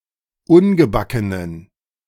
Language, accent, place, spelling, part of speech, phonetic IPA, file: German, Germany, Berlin, ungebackenen, adjective, [ˈʊnɡəˌbakənən], De-ungebackenen.ogg
- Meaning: inflection of ungebacken: 1. strong genitive masculine/neuter singular 2. weak/mixed genitive/dative all-gender singular 3. strong/weak/mixed accusative masculine singular 4. strong dative plural